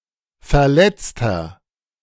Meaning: 1. injured (person), casualty (male or of unspecified gender) 2. inflection of Verletzte: strong genitive/dative singular 3. inflection of Verletzte: strong genitive plural
- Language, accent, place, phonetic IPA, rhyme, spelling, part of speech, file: German, Germany, Berlin, [fɛɐ̯ˈlɛt͡stɐ], -ɛt͡stɐ, Verletzter, noun, De-Verletzter.ogg